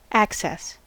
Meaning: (noun) 1. A way or means of approaching or entering; an entrance; a passage 2. The act of approaching or entering; an advance
- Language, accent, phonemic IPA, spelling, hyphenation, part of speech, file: English, US, /ˈækˌsɛs/, access, ac‧cess, noun / verb, En-us-access.ogg